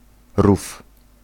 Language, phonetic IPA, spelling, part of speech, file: Polish, [ruf], rów, noun, Pl-rów.ogg